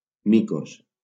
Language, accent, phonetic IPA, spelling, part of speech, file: Catalan, Valencia, [ˈmi.kos], micos, noun, LL-Q7026 (cat)-micos.wav
- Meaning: plural of mico